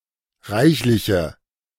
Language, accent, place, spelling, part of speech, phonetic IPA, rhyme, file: German, Germany, Berlin, reichliche, adjective, [ˈʁaɪ̯çlɪçə], -aɪ̯çlɪçə, De-reichliche.ogg
- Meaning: inflection of reichlich: 1. strong/mixed nominative/accusative feminine singular 2. strong nominative/accusative plural 3. weak nominative all-gender singular